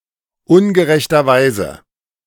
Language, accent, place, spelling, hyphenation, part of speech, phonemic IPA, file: German, Germany, Berlin, ungerechterweise, un‧ge‧rech‧ter‧wei‧se, adverb, /ˈʊnɡəʁɛçtɐˌvaɪ̯zə/, De-ungerechterweise.ogg
- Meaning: unjustly, unrightfully